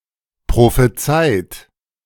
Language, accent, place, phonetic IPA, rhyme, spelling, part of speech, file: German, Germany, Berlin, [pʁofeˈt͡saɪ̯t], -aɪ̯t, prophezeit, verb, De-prophezeit.ogg
- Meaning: 1. past participle of prophezeien 2. inflection of prophezeien: third-person singular present 3. inflection of prophezeien: second-person plural present 4. inflection of prophezeien: plural imperative